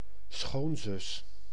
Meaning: sister-in-law (brother's wife or spouse's sister)
- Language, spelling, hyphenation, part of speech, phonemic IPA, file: Dutch, schoonzus, schoon‧zus, noun, /ˈsxoːn.zʏs/, Nl-schoonzus.ogg